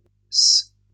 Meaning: apocopic form of ce
- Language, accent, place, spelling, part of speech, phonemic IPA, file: French, France, Lyon, c', pronoun, /s‿/, LL-Q150 (fra)-c'.wav